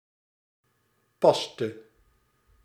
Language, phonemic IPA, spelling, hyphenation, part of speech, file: Dutch, /ˈpɑs.tə/, paste, pas‧te, noun / verb, Nl-paste.ogg
- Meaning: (noun) obsolete spelling of pasta (“paste”); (verb) inflection of passen: 1. singular past indicative 2. singular past subjunctive